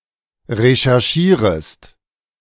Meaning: second-person singular subjunctive I of recherchieren
- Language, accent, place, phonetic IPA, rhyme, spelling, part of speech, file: German, Germany, Berlin, [ʁeʃɛʁˈʃiːʁəst], -iːʁəst, recherchierest, verb, De-recherchierest.ogg